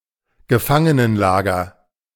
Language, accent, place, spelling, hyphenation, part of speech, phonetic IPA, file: German, Germany, Berlin, Gefangenenlager, Ge‧fan‧ge‧nen‧la‧ger, noun, [ɡəˈfaŋənənˌlaːɡɐ], De-Gefangenenlager.ogg
- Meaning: prison camp